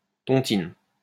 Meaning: tontine
- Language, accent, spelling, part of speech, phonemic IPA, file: French, France, tontine, noun, /tɔ̃.tin/, LL-Q150 (fra)-tontine.wav